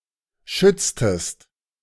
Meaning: inflection of schützen: 1. second-person singular preterite 2. second-person singular subjunctive II
- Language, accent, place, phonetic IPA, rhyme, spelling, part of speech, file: German, Germany, Berlin, [ˈʃʏt͡stəst], -ʏt͡stəst, schütztest, verb, De-schütztest.ogg